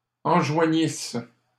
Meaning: first-person singular imperfect subjunctive of enjoindre
- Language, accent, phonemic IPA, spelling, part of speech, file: French, Canada, /ɑ̃.ʒwa.ɲis/, enjoignisse, verb, LL-Q150 (fra)-enjoignisse.wav